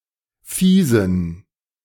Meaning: inflection of fies: 1. strong genitive masculine/neuter singular 2. weak/mixed genitive/dative all-gender singular 3. strong/weak/mixed accusative masculine singular 4. strong dative plural
- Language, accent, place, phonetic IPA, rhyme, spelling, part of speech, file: German, Germany, Berlin, [ˈfiːzn̩], -iːzn̩, fiesen, adjective, De-fiesen.ogg